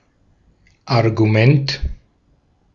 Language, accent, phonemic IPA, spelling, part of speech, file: German, Austria, /arɡuˈmɛnt/, Argument, noun, De-at-Argument.ogg
- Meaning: 1. proof, reason, point 2. argument